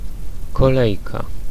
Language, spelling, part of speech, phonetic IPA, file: Polish, kolejka, noun, [kɔˈlɛjka], Pl-kolejka.ogg